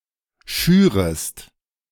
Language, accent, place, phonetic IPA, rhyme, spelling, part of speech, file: German, Germany, Berlin, [ˈʃyːʁəst], -yːʁəst, schürest, verb, De-schürest.ogg
- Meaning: second-person singular subjunctive I of schüren